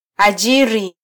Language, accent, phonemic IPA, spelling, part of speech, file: Swahili, Kenya, /ɑˈʄi.ɾi/, ajiri, verb, Sw-ke-ajiri.flac
- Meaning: to hire, to employ